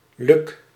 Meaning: a male given name, equivalent to English Luke
- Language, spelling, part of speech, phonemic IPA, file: Dutch, Luk, proper noun, /lyk/, Nl-Luk.ogg